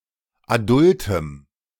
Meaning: strong dative masculine/neuter singular of adult
- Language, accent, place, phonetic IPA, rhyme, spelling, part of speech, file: German, Germany, Berlin, [aˈdʊltəm], -ʊltəm, adultem, adjective, De-adultem.ogg